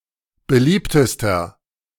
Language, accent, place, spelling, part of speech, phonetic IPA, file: German, Germany, Berlin, beliebtester, adjective, [bəˈliːptəstɐ], De-beliebtester.ogg
- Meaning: inflection of beliebt: 1. strong/mixed nominative masculine singular superlative degree 2. strong genitive/dative feminine singular superlative degree 3. strong genitive plural superlative degree